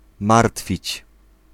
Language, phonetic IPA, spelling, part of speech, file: Polish, [ˈmartfʲit͡ɕ], martwić, verb, Pl-martwić.ogg